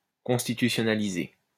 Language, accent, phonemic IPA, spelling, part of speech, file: French, France, /kɔ̃s.ti.ty.sjɔ.na.li.ze/, constitutionnaliser, verb, LL-Q150 (fra)-constitutionnaliser.wav
- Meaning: to constitutionalize